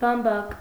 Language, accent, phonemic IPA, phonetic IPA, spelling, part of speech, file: Armenian, Eastern Armenian, /bɑmˈbɑk/, [bɑmbɑ́k], բամբակ, noun, Hy-բամբակ.ogg
- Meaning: 1. cotton (fiber) 2. absorbent cotton, cotton wool, wadding, batting 3. candy floss, cotton candy, fairy floss